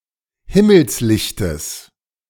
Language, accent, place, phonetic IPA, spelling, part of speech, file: German, Germany, Berlin, [ˈhɪməlsˌlɪçtəs], Himmelslichtes, noun, De-Himmelslichtes.ogg
- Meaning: genitive singular of Himmelslicht